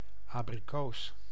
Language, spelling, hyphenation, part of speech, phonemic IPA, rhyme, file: Dutch, abrikoos, abri‧koos, noun, /ˌaː.briˈkoːs/, -oːs, Nl-abrikoos.ogg
- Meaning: apricot